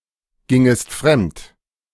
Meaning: second-person singular subjunctive II of fremdgehen
- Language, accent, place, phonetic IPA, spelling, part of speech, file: German, Germany, Berlin, [ˌɡɪŋəst ˈfʁɛmt], gingest fremd, verb, De-gingest fremd.ogg